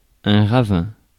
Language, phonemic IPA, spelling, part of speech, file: French, /ʁa.vɛ̃/, ravin, noun, Fr-ravin.ogg
- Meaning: ravine